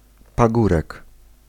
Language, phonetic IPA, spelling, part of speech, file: Polish, [paˈɡurɛk], pagórek, noun, Pl-pagórek.ogg